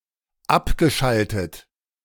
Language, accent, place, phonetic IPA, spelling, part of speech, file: German, Germany, Berlin, [ˈapɡəˌʃaltət], abgeschaltet, verb, De-abgeschaltet.ogg
- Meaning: past participle of abschalten